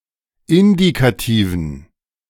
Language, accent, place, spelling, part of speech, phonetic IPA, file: German, Germany, Berlin, Indikativen, noun, [ˈɪndikatiːvn̩], De-Indikativen.ogg
- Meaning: dative plural of Indikativ